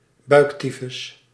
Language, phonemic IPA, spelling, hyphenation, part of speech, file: Dutch, /ˈbœy̯kˌti.fʏs/, buiktyfus, buik‧ty‧fus, noun, Nl-buiktyfus.ogg
- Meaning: typhoid fever